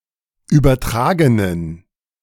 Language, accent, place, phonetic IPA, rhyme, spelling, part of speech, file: German, Germany, Berlin, [ˌyːbɐˈtʁaːɡənən], -aːɡənən, übertragenen, adjective, De-übertragenen.ogg
- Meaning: inflection of übertragen: 1. strong genitive masculine/neuter singular 2. weak/mixed genitive/dative all-gender singular 3. strong/weak/mixed accusative masculine singular 4. strong dative plural